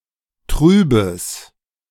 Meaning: strong/mixed nominative/accusative neuter singular of trüb
- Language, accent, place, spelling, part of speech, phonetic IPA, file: German, Germany, Berlin, trübes, adjective, [ˈtʁyːbəs], De-trübes.ogg